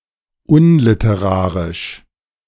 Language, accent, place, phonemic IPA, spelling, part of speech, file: German, Germany, Berlin, /ˈʊnlɪtəˌʁaːʁɪʃ/, unliterarisch, adjective, De-unliterarisch.ogg
- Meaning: unliterary